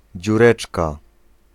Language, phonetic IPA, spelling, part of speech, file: Polish, [d͡ʑuˈrɛt͡ʃka], dziureczka, noun, Pl-dziureczka.ogg